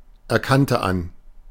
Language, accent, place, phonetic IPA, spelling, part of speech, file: German, Germany, Berlin, [ɛɐ̯ˌkantə ˈan], erkannte an, verb, De-erkannte an.ogg
- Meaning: first/third-person singular preterite of anerkennen